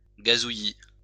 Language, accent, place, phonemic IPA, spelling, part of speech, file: French, France, Lyon, /ɡa.zu.ji/, gazouillis, noun, LL-Q150 (fra)-gazouillis.wav
- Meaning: 1. chirping of birds, tweeting 2. tweet (microblogging, such as on Twitter)